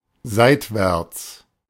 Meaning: sideward
- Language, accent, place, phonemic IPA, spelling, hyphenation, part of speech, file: German, Germany, Berlin, /ˈzaɪ̯tvɛʁt͡s/, seitwärts, seit‧wärts, adverb, De-seitwärts.ogg